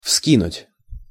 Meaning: 1. to throw up, to toss up 2. to jerk up (head, hands, etc.)
- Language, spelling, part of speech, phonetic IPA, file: Russian, вскинуть, verb, [ˈfskʲinʊtʲ], Ru-вскинуть.ogg